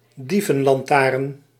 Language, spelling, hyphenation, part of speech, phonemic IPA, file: Dutch, dievenlantaarn, die‧ven‧lan‧taarn, noun, /ˈdi.və(n).lɑnˌtaːrn/, Nl-dievenlantaarn.ogg
- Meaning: a portable lantern whose light can be blocked by means of a shutter